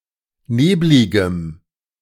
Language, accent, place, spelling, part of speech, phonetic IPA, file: German, Germany, Berlin, nebligem, adjective, [ˈneːblɪɡəm], De-nebligem.ogg
- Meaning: strong dative masculine/neuter singular of neblig